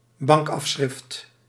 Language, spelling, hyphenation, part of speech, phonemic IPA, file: Dutch, bankafschrift, bank‧af‧schrift, noun, /ˈbɑŋk.ɑfˌsxrɪft/, Nl-bankafschrift.ogg
- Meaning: bank statement